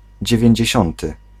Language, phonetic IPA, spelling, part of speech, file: Polish, [ˌd͡ʑɛvʲjɛ̇̃ɲd͡ʑɛ̇ˈɕɔ̃ntɨ], dziewięćdziesiąty, adjective, Pl-dziewięćdziesiąty.ogg